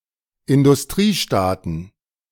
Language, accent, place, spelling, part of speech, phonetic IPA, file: German, Germany, Berlin, Industriestaaten, noun, [ɪndʊsˈtʁiːˌʃtaːtn̩], De-Industriestaaten.ogg
- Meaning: plural of Industriestaat